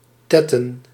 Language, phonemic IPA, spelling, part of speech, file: Dutch, /ˈtɛtə(n)/, tetten, noun, Nl-tetten.ogg
- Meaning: plural of tet